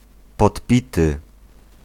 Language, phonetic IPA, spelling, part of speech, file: Polish, [pɔtˈpʲitɨ], podpity, adjective, Pl-podpity.ogg